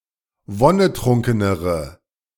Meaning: inflection of wonnetrunken: 1. strong/mixed nominative/accusative feminine singular comparative degree 2. strong nominative/accusative plural comparative degree
- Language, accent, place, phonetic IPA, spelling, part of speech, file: German, Germany, Berlin, [ˈvɔnəˌtʁʊŋkənəʁə], wonnetrunkenere, adjective, De-wonnetrunkenere.ogg